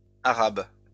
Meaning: plural of arabe
- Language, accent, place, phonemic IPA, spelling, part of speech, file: French, France, Lyon, /a.ʁab/, arabes, noun, LL-Q150 (fra)-arabes.wav